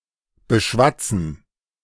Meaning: to coax, cajole
- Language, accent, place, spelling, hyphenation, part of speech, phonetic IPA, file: German, Germany, Berlin, beschwatzen, be‧schwat‧zen, verb, [bəˈʃvat͡sn̩], De-beschwatzen.ogg